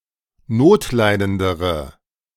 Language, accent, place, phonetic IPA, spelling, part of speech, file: German, Germany, Berlin, [ˈnoːtˌlaɪ̯dəndəʁə], notleidendere, adjective, De-notleidendere.ogg
- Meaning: inflection of notleidend: 1. strong/mixed nominative/accusative feminine singular comparative degree 2. strong nominative/accusative plural comparative degree